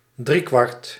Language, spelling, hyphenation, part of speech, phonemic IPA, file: Dutch, driekwart, drie‧kwart, adjective, /driˈkʋɑrt/, Nl-driekwart.ogg
- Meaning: three-quarter, three-quarters